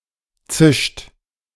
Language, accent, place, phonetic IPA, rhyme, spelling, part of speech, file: German, Germany, Berlin, [t͡sɪʃt], -ɪʃt, zischt, verb, De-zischt.ogg
- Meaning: inflection of zischen: 1. third-person singular present 2. second-person plural present 3. plural imperative